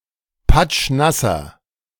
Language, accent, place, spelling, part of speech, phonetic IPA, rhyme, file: German, Germany, Berlin, patschnasser, adjective, [ˈpat͡ʃˈnasɐ], -asɐ, De-patschnasser.ogg
- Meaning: inflection of patschnass: 1. strong/mixed nominative masculine singular 2. strong genitive/dative feminine singular 3. strong genitive plural